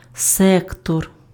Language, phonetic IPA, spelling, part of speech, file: Ukrainian, [ˈsɛktɔr], сектор, noun, Uk-сектор.ogg
- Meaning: 1. sector 2. sphere, branch 3. department, division